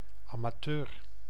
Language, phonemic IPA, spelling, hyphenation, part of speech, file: Dutch, /ˌɑ.maːˈtøːr/, amateur, ama‧teur, noun, Nl-amateur.ogg
- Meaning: amateur